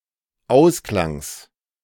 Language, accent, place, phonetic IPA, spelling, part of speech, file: German, Germany, Berlin, [ˈaʊ̯sklaŋs], Ausklangs, noun, De-Ausklangs.ogg
- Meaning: genitive of Ausklang